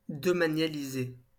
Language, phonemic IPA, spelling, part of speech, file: French, /dɔ.ma.nja.li.ze/, domanialiser, verb, LL-Q150 (fra)-domanialiser.wav
- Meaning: to consolidate several states into one, or unite them to the crown